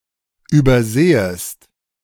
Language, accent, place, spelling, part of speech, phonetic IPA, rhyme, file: German, Germany, Berlin, übersehest, verb, [yːbɐˈzeːəst], -eːəst, De-übersehest.ogg
- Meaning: second-person singular subjunctive I of übersehen